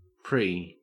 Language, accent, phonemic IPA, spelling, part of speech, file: English, Australia, /ˈpɹi/, pre, preposition / noun / verb, En-au-pre.ogg
- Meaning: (preposition) Before (something significant); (noun) 1. Clipping of predrinks 2. Clipping of precum 3. Clipping of preparty 4. Clipping of prefect; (verb) Clipping of pre-drink